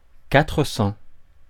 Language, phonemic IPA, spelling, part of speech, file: French, /ka.tʁə sɑ̃/, quatre cents, numeral, Fr-quatre cents.ogg
- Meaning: four hundred